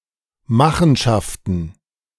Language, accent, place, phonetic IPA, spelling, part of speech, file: German, Germany, Berlin, [ˈmaxn̩ˌʃaftn̩], Machenschaften, noun, De-Machenschaften.ogg
- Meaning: plural of Machenschaft